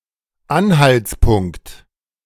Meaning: clue, indication, evidence (information that may lead one to a certain point or conclusion)
- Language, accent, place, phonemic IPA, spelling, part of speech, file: German, Germany, Berlin, /ˈanhalt͡sˌpʊŋkt/, Anhaltspunkt, noun, De-Anhaltspunkt.ogg